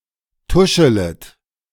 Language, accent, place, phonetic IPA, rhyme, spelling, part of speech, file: German, Germany, Berlin, [ˈtʊʃələt], -ʊʃələt, tuschelet, verb, De-tuschelet.ogg
- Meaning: second-person plural subjunctive I of tuscheln